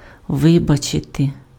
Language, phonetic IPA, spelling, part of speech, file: Ukrainian, [ˈʋɪbɐt͡ʃete], вибачити, verb, Uk-вибачити.ogg
- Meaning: to excuse, to pardon, to forgive